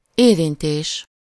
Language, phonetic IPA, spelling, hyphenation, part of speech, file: Hungarian, [ˈeːrinteːʃ], érintés, érin‧tés, noun, Hu-érintés.ogg
- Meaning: verbal noun of érint: touch (an act of touching)